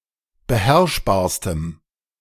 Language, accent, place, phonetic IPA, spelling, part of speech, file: German, Germany, Berlin, [bəˈhɛʁʃbaːɐ̯stəm], beherrschbarstem, adjective, De-beherrschbarstem.ogg
- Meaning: strong dative masculine/neuter singular superlative degree of beherrschbar